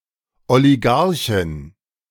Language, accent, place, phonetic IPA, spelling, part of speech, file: German, Germany, Berlin, [oliˈɡaʁçɪn], Oligarchin, noun, De-Oligarchin.ogg
- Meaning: female equivalent of Oligarch